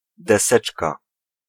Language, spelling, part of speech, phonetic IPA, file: Polish, deseczka, noun, [dɛˈsɛt͡ʃka], Pl-deseczka.ogg